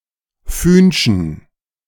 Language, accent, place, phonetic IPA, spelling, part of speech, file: German, Germany, Berlin, [ˈfyːnʃn̩], fühnschen, adjective, De-fühnschen.ogg
- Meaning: inflection of fühnsch: 1. strong genitive masculine/neuter singular 2. weak/mixed genitive/dative all-gender singular 3. strong/weak/mixed accusative masculine singular 4. strong dative plural